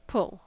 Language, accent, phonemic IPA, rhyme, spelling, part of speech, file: English, General American, /pʊl/, -ʊl, pull, verb / interjection / noun, En-us-pull.ogg
- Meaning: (verb) To apply a force to (an object) so that it comes toward the person or thing applying the force